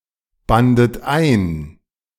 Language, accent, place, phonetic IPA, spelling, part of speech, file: German, Germany, Berlin, [ˌbandət ˈaɪ̯n], bandet ein, verb, De-bandet ein.ogg
- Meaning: second-person plural preterite of einbinden